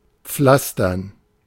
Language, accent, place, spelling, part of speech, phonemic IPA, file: German, Germany, Berlin, pflastern, verb, /ˈpflastɐn/, De-pflastern.ogg
- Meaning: 1. to pave 2. to bandage